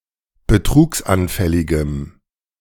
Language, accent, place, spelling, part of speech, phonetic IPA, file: German, Germany, Berlin, betrugsanfälligem, adjective, [bəˈtʁuːksʔanˌfɛlɪɡəm], De-betrugsanfälligem.ogg
- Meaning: strong dative masculine/neuter singular of betrugsanfällig